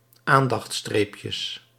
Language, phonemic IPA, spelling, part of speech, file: Dutch, /ˈandɑx(t)ˌstrepjəs/, aandachtsstreepjes, noun, Nl-aandachtsstreepjes.ogg
- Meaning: plural of aandachtsstreepje